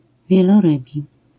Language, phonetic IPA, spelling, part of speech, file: Polish, [ˌvʲjɛlɔˈrɨbʲi], wielorybi, adjective, LL-Q809 (pol)-wielorybi.wav